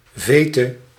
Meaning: feud
- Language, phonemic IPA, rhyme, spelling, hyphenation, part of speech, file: Dutch, /ˈveː.tə/, -eːtə, vete, ve‧te, noun, Nl-vete.ogg